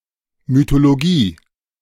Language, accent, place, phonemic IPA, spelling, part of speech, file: German, Germany, Berlin, /mytoloˈɡiː/, Mythologie, noun, De-Mythologie.ogg
- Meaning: mythology